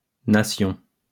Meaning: plural of nation
- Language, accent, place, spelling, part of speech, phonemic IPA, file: French, France, Lyon, nations, noun, /na.sjɔ̃/, LL-Q150 (fra)-nations.wav